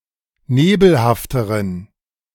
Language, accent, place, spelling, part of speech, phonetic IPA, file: German, Germany, Berlin, nebelhafteren, adjective, [ˈneːbl̩haftəʁən], De-nebelhafteren.ogg
- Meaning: inflection of nebelhaft: 1. strong genitive masculine/neuter singular comparative degree 2. weak/mixed genitive/dative all-gender singular comparative degree